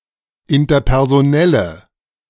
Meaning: inflection of interpersonell: 1. strong/mixed nominative/accusative feminine singular 2. strong nominative/accusative plural 3. weak nominative all-gender singular
- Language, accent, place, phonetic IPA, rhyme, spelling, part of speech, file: German, Germany, Berlin, [ɪntɐpɛʁzoˈnɛlə], -ɛlə, interpersonelle, adjective, De-interpersonelle.ogg